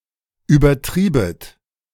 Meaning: second-person plural subjunctive I of übertreiben
- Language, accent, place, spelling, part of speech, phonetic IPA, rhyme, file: German, Germany, Berlin, übertriebet, verb, [yːbɐˈtʁiːbət], -iːbət, De-übertriebet.ogg